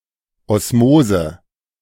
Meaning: osmosis
- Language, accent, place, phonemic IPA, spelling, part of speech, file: German, Germany, Berlin, /ˌɔsˈmoːzə/, Osmose, noun, De-Osmose.ogg